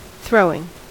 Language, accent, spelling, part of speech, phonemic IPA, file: English, US, throwing, verb / noun, /ˈθɹoʊ.ɪŋ/, En-us-throwing.ogg
- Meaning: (verb) present participle and gerund of throw; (noun) 1. The act by which something is thrown 2. The process of making ceramic ware on the potter's wheel